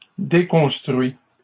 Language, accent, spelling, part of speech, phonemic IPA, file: French, Canada, déconstruis, verb, /de.kɔ̃s.tʁɥi/, LL-Q150 (fra)-déconstruis.wav
- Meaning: inflection of déconstruire: 1. first/second-person singular present indicative 2. second-person singular imperative